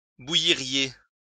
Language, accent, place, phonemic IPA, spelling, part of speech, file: French, France, Lyon, /bu.ji.ʁje/, bouilliriez, verb, LL-Q150 (fra)-bouilliriez.wav
- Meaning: second-person plural conditional of bouillir